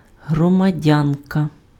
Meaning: female equivalent of громадя́нин (hromadjányn): citizen
- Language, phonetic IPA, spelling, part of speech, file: Ukrainian, [ɦrɔmɐˈdʲankɐ], громадянка, noun, Uk-громадянка.ogg